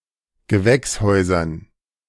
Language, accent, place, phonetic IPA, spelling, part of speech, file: German, Germany, Berlin, [ɡəˈvɛksˌhɔɪ̯zɐn], Gewächshäusern, noun, De-Gewächshäusern.ogg
- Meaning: dative plural of Gewächshaus